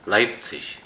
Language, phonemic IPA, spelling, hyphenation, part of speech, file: German, /ˈlaɪpt͡sɪç/, Leipzig, Leip‧zig, proper noun, Leipzig.ogg
- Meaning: 1. Leipzig (a city in Saxony, Germany) 2. a rural district of Saxony; seat: Borna 3. a hamlet in the Rural Municipality of Reford No. 379, Saskatchewan, Canada